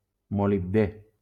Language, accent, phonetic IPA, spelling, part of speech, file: Catalan, Valencia, [mo.libˈde], molibdè, noun, LL-Q7026 (cat)-molibdè.wav
- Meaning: molybdenum